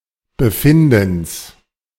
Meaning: genitive singular of Befinden
- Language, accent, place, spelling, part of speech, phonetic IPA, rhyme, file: German, Germany, Berlin, Befindens, noun, [bəˈfɪndn̩s], -ɪndn̩s, De-Befindens.ogg